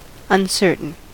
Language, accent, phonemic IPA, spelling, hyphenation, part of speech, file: English, US, /ʌnˈsɜɹ.tən/, uncertain, un‧cer‧tain, adjective / noun, En-us-uncertain.ogg
- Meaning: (adjective) 1. Not certain; unsure 2. Not known for certain; questionable 3. Not yet determined; undecided 4. Variable and subject to change 5. Fitful or unsteady 6. Unpredictable or capricious